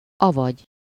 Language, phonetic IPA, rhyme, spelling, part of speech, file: Hungarian, [ˈɒvɒɟ], -ɒɟ, avagy, conjunction, Hu-avagy.ogg
- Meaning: 1. synonym of vagy (“or”) 2. also known as (AKA)